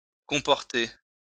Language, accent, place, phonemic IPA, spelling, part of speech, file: French, France, Lyon, /kɔ̃.pɔʁ.te/, comporter, verb, LL-Q150 (fra)-comporter.wav
- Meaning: 1. to include 2. to consist of, comprise 3. to entail (formal, risk), involve 4. to behave, act